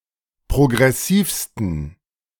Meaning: 1. superlative degree of progressiv 2. inflection of progressiv: strong genitive masculine/neuter singular superlative degree
- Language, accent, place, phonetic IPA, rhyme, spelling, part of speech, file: German, Germany, Berlin, [pʁoɡʁɛˈsiːfstn̩], -iːfstn̩, progressivsten, adjective, De-progressivsten.ogg